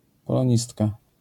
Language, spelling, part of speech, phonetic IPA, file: Polish, polonistka, noun, [ˌpɔlɔ̃ˈɲistka], LL-Q809 (pol)-polonistka.wav